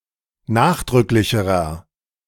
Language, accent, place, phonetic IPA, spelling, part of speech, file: German, Germany, Berlin, [ˈnaːxdʁʏklɪçəʁɐ], nachdrücklicherer, adjective, De-nachdrücklicherer.ogg
- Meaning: inflection of nachdrücklich: 1. strong/mixed nominative masculine singular comparative degree 2. strong genitive/dative feminine singular comparative degree